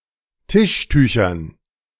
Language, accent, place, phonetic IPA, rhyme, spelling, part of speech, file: German, Germany, Berlin, [ˈtɪʃˌtyːçɐn], -ɪʃtyːçɐn, Tischtüchern, noun, De-Tischtüchern.ogg
- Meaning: dative plural of Tischtuch